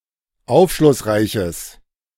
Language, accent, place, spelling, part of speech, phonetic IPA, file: German, Germany, Berlin, aufschlussreiches, adjective, [ˈaʊ̯fʃlʊsˌʁaɪ̯çəs], De-aufschlussreiches.ogg
- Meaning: strong/mixed nominative/accusative neuter singular of aufschlussreich